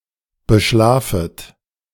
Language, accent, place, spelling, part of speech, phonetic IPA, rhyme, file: German, Germany, Berlin, beschlafet, verb, [bəˈʃlaːfət], -aːfət, De-beschlafet.ogg
- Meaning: second-person plural subjunctive I of beschlafen